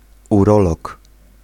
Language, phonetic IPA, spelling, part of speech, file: Polish, [uˈrɔlɔk], urolog, noun, Pl-urolog.ogg